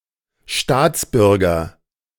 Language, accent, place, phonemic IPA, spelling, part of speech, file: German, Germany, Berlin, /ˈʃtaːtsˌbʏʁɡɐ/, Staatsbürger, noun, De-Staatsbürger.ogg
- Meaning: citizen (legal member of a state) (male or unspecified)